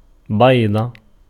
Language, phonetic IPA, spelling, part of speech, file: Arabic, [be̞ːdˤa], بيضة, noun, Ar-بيضة.ogg
- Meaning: 1. egg 2. testicle 3. helmet 4. main part, substance, essence 5. counterweight of a steelyard